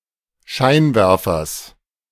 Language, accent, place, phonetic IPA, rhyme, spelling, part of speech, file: German, Germany, Berlin, [ˈʃaɪ̯nˌvɛʁfɐs], -aɪ̯nvɛʁfɐs, Scheinwerfers, noun, De-Scheinwerfers.ogg
- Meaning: genitive singular of Scheinwerfer